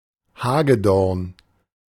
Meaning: hawthorn
- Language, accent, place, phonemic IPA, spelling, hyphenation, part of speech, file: German, Germany, Berlin, /ˈhaːɡəˌdɔʁn/, Hagedorn, Ha‧ge‧dorn, noun, De-Hagedorn.ogg